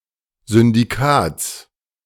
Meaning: genitive singular of Syndikat
- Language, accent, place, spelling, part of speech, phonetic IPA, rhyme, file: German, Germany, Berlin, Syndikats, noun, [zʏndiˈkaːt͡s], -aːt͡s, De-Syndikats.ogg